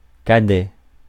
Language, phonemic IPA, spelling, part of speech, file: French, /ka.dɛ/, cadet, adjective / noun, Fr-cadet.ogg
- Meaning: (adjective) younger, youngest; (noun) 1. cadet, student officer 2. junior sportsperson, young player 3. a younger sibling